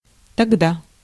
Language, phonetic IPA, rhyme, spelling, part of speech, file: Russian, [tɐɡˈda], -a, тогда, adverb, Ru-тогда.ogg
- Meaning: 1. then (at that time) 2. then (in that case, only then)